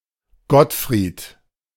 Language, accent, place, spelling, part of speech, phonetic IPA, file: German, Germany, Berlin, Gottfried, proper noun, [ˈɡɔtˌfʁiːt], De-Gottfried.ogg
- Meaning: a male given name from the Germanic languages, equivalent to English Godfrey